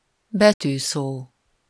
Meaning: acronym, initialism
- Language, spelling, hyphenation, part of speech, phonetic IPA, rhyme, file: Hungarian, betűszó, be‧tű‧szó, noun, [ˈbɛtyːsoː], -soː, Hu-betűszó.ogg